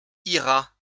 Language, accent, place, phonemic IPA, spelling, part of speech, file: French, France, Lyon, /i.ʁa/, ira, verb, LL-Q150 (fra)-ira.wav
- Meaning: third-person singular future of aller